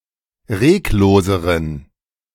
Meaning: inflection of reglos: 1. strong genitive masculine/neuter singular comparative degree 2. weak/mixed genitive/dative all-gender singular comparative degree
- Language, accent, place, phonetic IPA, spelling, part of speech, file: German, Germany, Berlin, [ˈʁeːkˌloːzəʁən], regloseren, adjective, De-regloseren.ogg